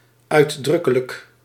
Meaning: expressly
- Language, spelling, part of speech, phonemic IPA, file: Dutch, uitdrukkelijk, adjective, /œyˈdrʏkələk/, Nl-uitdrukkelijk.ogg